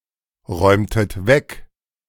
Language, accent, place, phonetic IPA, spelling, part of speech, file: German, Germany, Berlin, [ˌʁɔɪ̯mtət ˈvɛk], räumtet weg, verb, De-räumtet weg.ogg
- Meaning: inflection of wegräumen: 1. second-person plural preterite 2. second-person plural subjunctive II